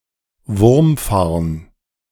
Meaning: wood fern, male fern (any fern of the genus Dryopteris)
- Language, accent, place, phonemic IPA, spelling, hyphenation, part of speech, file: German, Germany, Berlin, /ˈvʊʁmˌfaʁn/, Wurmfarn, Wurm‧farn, noun, De-Wurmfarn.ogg